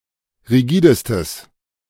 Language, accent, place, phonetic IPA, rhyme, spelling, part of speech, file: German, Germany, Berlin, [ʁiˈɡiːdəstəs], -iːdəstəs, rigidestes, adjective, De-rigidestes.ogg
- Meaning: strong/mixed nominative/accusative neuter singular superlative degree of rigide